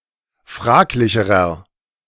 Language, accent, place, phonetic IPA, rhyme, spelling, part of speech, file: German, Germany, Berlin, [ˈfʁaːklɪçəʁɐ], -aːklɪçəʁɐ, fraglicherer, adjective, De-fraglicherer.ogg
- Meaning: inflection of fraglich: 1. strong/mixed nominative masculine singular comparative degree 2. strong genitive/dative feminine singular comparative degree 3. strong genitive plural comparative degree